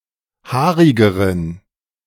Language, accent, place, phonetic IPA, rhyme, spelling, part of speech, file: German, Germany, Berlin, [ˈhaːʁɪɡəʁən], -aːʁɪɡəʁən, haarigeren, adjective, De-haarigeren.ogg
- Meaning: inflection of haarig: 1. strong genitive masculine/neuter singular comparative degree 2. weak/mixed genitive/dative all-gender singular comparative degree